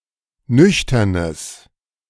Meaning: strong/mixed nominative/accusative neuter singular of nüchtern
- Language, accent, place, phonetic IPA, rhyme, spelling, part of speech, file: German, Germany, Berlin, [ˈnʏçtɐnəs], -ʏçtɐnəs, nüchternes, adjective, De-nüchternes.ogg